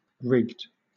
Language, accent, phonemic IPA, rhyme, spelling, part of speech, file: English, Southern England, /ɹɪɡd/, -ɪɡd, rigged, adjective / verb, LL-Q1860 (eng)-rigged.wav
- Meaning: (adjective) 1. Prearranged and fixed so that the winner or outcome is decided in advance 2. Having the rigging up; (verb) simple past and past participle of rig